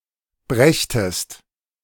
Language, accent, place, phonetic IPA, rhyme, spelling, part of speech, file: German, Germany, Berlin, [ˈbʁɛçtəst], -ɛçtəst, brächtest, verb, De-brächtest.ogg
- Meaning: second-person singular subjunctive II of bringen